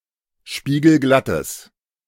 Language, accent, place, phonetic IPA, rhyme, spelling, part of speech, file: German, Germany, Berlin, [ˌʃpiːɡl̩ˈɡlatəs], -atəs, spiegelglattes, adjective, De-spiegelglattes.ogg
- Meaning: strong/mixed nominative/accusative neuter singular of spiegelglatt